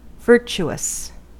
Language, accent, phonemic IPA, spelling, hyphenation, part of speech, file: English, General American, /ˈvɝt͡ʃuəs/, virtuous, vir‧tu‧ous, adjective, En-us-virtuous.ogg
- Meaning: Full of virtue; having excellent moral character